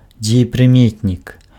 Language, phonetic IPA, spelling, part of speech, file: Belarusian, [d͡zʲejeprɨˈmʲetnʲik], дзеепрыметнік, noun, Be-дзеепрыметнік.ogg
- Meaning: participle